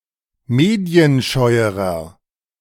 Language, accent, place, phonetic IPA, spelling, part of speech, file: German, Germany, Berlin, [ˈmeːdi̯ənˌʃɔɪ̯əʁɐ], medienscheuerer, adjective, De-medienscheuerer.ogg
- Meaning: inflection of medienscheu: 1. strong/mixed nominative masculine singular comparative degree 2. strong genitive/dative feminine singular comparative degree 3. strong genitive plural comparative degree